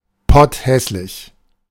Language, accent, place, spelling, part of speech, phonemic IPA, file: German, Germany, Berlin, potthässlich, adjective, /ˈpɔtˌhɛslɪç/, De-potthässlich.ogg
- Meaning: very ugly